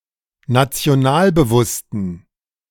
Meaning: inflection of nationalbewusst: 1. strong genitive masculine/neuter singular 2. weak/mixed genitive/dative all-gender singular 3. strong/weak/mixed accusative masculine singular 4. strong dative plural
- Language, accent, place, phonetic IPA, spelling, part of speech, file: German, Germany, Berlin, [nat͡si̯oˈnaːlbəˌvʊstn̩], nationalbewussten, adjective, De-nationalbewussten.ogg